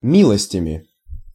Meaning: instrumental plural of ми́лость (mílostʹ)
- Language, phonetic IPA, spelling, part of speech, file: Russian, [ˈmʲiɫəsʲtʲəmʲɪ], милостями, noun, Ru-милостями.ogg